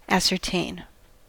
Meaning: 1. To find out definitely; to discover or establish 2. To make (someone) certain or confident about something; to inform 3. To look for something lost 4. To establish, to prove 5. To ensure or effect
- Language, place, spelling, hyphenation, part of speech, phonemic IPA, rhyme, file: English, California, ascertain, as‧cer‧tain, verb, /ˌæsɚˈteɪn/, -eɪn, En-us-ascertain.ogg